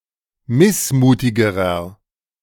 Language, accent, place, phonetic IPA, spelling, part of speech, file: German, Germany, Berlin, [ˈmɪsˌmuːtɪɡəʁɐ], missmutigerer, adjective, De-missmutigerer.ogg
- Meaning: inflection of missmutig: 1. strong/mixed nominative masculine singular comparative degree 2. strong genitive/dative feminine singular comparative degree 3. strong genitive plural comparative degree